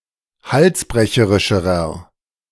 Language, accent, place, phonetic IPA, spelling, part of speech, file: German, Germany, Berlin, [ˈhalsˌbʁɛçəʁɪʃəʁɐ], halsbrecherischerer, adjective, De-halsbrecherischerer.ogg
- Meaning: inflection of halsbrecherisch: 1. strong/mixed nominative masculine singular comparative degree 2. strong genitive/dative feminine singular comparative degree